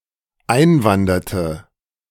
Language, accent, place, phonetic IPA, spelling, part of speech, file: German, Germany, Berlin, [ˈaɪ̯nˌvandɐtə], einwanderte, verb, De-einwanderte.ogg
- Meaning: inflection of einwandern: 1. first/third-person singular dependent preterite 2. first/third-person singular dependent subjunctive II